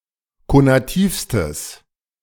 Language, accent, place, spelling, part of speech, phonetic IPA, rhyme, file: German, Germany, Berlin, konativstes, adjective, [konaˈtiːfstəs], -iːfstəs, De-konativstes.ogg
- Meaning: strong/mixed nominative/accusative neuter singular superlative degree of konativ